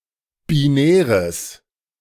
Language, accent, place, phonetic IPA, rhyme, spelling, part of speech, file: German, Germany, Berlin, [biˈnɛːʁəs], -ɛːʁəs, binäres, adjective, De-binäres.ogg
- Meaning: strong/mixed nominative/accusative neuter singular of binär